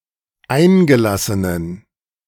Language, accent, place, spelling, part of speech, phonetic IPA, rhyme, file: German, Germany, Berlin, eingelassenen, adjective, [ˈaɪ̯nɡəˌlasənən], -aɪ̯nɡəlasənən, De-eingelassenen.ogg
- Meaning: inflection of eingelassen: 1. strong genitive masculine/neuter singular 2. weak/mixed genitive/dative all-gender singular 3. strong/weak/mixed accusative masculine singular 4. strong dative plural